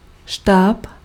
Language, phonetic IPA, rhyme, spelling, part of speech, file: Czech, [ˈʃtaːp], -aːp, štáb, noun, Cs-štáb.ogg
- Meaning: 1. staff (commanding officers) 2. headquarters